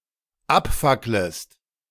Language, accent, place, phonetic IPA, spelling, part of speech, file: German, Germany, Berlin, [ˈapˌfakləst], abfacklest, verb, De-abfacklest.ogg
- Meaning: second-person singular dependent subjunctive I of abfackeln